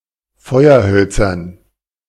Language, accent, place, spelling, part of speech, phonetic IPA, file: German, Germany, Berlin, Feuerhölzern, noun, [ˈfɔɪ̯ɐˌhœlt͡sɐn], De-Feuerhölzern.ogg
- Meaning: dative plural of Feuerholz